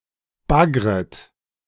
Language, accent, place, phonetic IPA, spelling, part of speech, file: German, Germany, Berlin, [ˈbaɡʁət], baggret, verb, De-baggret.ogg
- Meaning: second-person plural subjunctive I of baggern